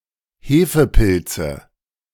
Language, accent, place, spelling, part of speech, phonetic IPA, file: German, Germany, Berlin, Hefepilze, noun, [ˈheːfəˌpɪlt͡sə], De-Hefepilze.ogg
- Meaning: nominative/accusative/genitive plural of Hefepilz